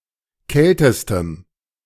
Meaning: strong dative masculine/neuter singular superlative degree of kalt
- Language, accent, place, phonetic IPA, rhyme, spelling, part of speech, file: German, Germany, Berlin, [ˈkɛltəstəm], -ɛltəstəm, kältestem, adjective, De-kältestem.ogg